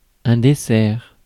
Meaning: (noun) dessert, pudding; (verb) third-person singular present indicative of desservir
- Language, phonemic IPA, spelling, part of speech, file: French, /de.sɛʁ/, dessert, noun / verb, Fr-dessert.ogg